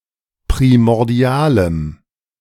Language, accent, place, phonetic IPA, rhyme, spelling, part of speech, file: German, Germany, Berlin, [pʁimɔʁˈdi̯aːləm], -aːləm, primordialem, adjective, De-primordialem.ogg
- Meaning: strong dative masculine/neuter singular of primordial